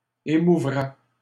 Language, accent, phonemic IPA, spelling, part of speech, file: French, Canada, /e.mu.vʁɛ/, émouvraient, verb, LL-Q150 (fra)-émouvraient.wav
- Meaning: third-person plural conditional of émouvoir